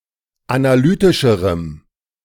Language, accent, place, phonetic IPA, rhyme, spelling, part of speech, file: German, Germany, Berlin, [anaˈlyːtɪʃəʁəm], -yːtɪʃəʁəm, analytischerem, adjective, De-analytischerem.ogg
- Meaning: strong dative masculine/neuter singular comparative degree of analytisch